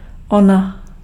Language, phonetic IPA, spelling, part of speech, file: Czech, [ˈona], ona, pronoun, Cs-ona.ogg
- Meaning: 1. she (third person feminine singular personal pronoun) 2. they (third person neuter plural personal pronoun) 3. inflection of onen: nominative feminine singular